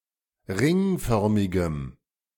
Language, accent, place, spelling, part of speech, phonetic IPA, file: German, Germany, Berlin, ringförmigem, adjective, [ˈʁɪŋˌfœʁmɪɡəm], De-ringförmigem.ogg
- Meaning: strong dative masculine/neuter singular of ringförmig